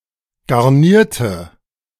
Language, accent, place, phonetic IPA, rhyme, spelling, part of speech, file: German, Germany, Berlin, [ɡaʁˈniːɐ̯tə], -iːɐ̯tə, garnierte, adjective / verb, De-garnierte.ogg
- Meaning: inflection of garnieren: 1. first/third-person singular preterite 2. first/third-person singular subjunctive II